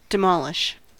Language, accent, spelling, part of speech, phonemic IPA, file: English, US, demolish, verb, /dɪˈmɒl.ɪʃ/, En-us-demolish.ogg
- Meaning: 1. To destroy (buildings, etc.), especially in a planned or intentional fashion 2. To defeat, refute, discredit, or consume utterly (as a theory, belief or opponent) 3. To devour; to eat up